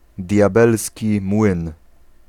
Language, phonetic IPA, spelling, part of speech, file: Polish, [dʲjaˈbɛlsʲci ˈmwɨ̃n], diabelski młyn, noun, Pl-diabelski młyn.ogg